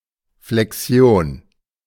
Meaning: 1. inflection (process by which words change their grammatical forms) 2. flexion 3. flexure fold
- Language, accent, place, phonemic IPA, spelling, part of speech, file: German, Germany, Berlin, /flɛkˈsjoːn/, Flexion, noun, De-Flexion.ogg